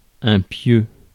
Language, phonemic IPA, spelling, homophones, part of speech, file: French, /pjø/, pieux, pieu, adjective / noun, Fr-pieux.ogg
- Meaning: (adjective) pious; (noun) plural of pieu